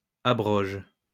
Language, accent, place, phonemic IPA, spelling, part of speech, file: French, France, Lyon, /a.bʁɔʒ/, abrogent, verb, LL-Q150 (fra)-abrogent.wav
- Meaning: third-person plural present indicative/subjunctive of abroger